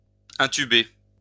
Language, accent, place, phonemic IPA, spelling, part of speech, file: French, France, Lyon, /ɛ̃.ty.be/, intuber, verb, LL-Q150 (fra)-intuber.wav
- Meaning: to intubate